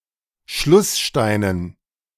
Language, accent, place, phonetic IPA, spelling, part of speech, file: German, Germany, Berlin, [ˈʃlʊsˌʃtaɪ̯nən], Schlusssteinen, noun, De-Schlusssteinen.ogg
- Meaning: dative plural of Schlussstein